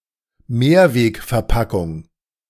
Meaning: reusable (food) container
- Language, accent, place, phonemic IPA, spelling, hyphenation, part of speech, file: German, Germany, Berlin, /ˈmeːɐ̯veːkfɛɐ̯ˌpakʊŋ/, Mehrwegverpackung, Mehr‧weg‧ver‧pa‧ckung, noun, De-Mehrwegverpackung.ogg